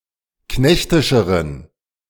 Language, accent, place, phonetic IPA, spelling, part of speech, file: German, Germany, Berlin, [ˈknɛçtɪʃəʁən], knechtischeren, adjective, De-knechtischeren.ogg
- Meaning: inflection of knechtisch: 1. strong genitive masculine/neuter singular comparative degree 2. weak/mixed genitive/dative all-gender singular comparative degree